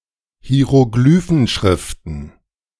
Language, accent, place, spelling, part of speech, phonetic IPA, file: German, Germany, Berlin, Hieroglyphenschriften, noun, [hi̯eʁoˈɡlyːfn̩ˌʃʁɪftn̩], De-Hieroglyphenschriften.ogg
- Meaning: plural of Hieroglyphenschrift